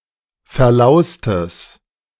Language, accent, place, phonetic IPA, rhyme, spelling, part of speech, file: German, Germany, Berlin, [fɛɐ̯ˈlaʊ̯stəs], -aʊ̯stəs, verlaustes, adjective, De-verlaustes.ogg
- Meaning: strong/mixed nominative/accusative neuter singular of verlaust